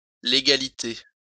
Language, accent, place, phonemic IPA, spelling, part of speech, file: French, France, Lyon, /le.ɡa.li.te/, légalité, noun, LL-Q150 (fra)-légalité.wav
- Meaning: legality